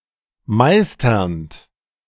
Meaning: present participle of meistern
- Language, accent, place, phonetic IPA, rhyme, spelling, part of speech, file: German, Germany, Berlin, [ˈmaɪ̯stɐnt], -aɪ̯stɐnt, meisternd, verb, De-meisternd.ogg